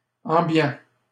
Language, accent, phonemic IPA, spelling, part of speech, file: French, Canada, /ɑ̃.bjɑ̃/, ambiant, adjective, LL-Q150 (fra)-ambiant.wav
- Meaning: ambient